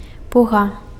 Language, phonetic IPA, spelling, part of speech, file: Belarusian, [ˈpuɣa], пуга, noun, Be-пуга.ogg
- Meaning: whip